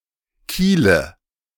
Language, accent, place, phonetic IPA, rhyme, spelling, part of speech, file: German, Germany, Berlin, [ˈkiːlə], -iːlə, Kiele, noun, De-Kiele.ogg
- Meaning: nominative/accusative/genitive plural of Kiel